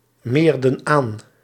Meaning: inflection of aanmeren: 1. plural past indicative 2. plural past subjunctive
- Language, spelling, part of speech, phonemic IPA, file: Dutch, meerden aan, verb, /ˈmerdə(n) ˈan/, Nl-meerden aan.ogg